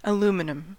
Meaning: American, Canadian, and Philippines standard spelling of aluminium
- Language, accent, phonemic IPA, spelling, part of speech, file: English, US, /əˈlu.mɪ.nəm/, aluminum, noun, En-us-aluminum.ogg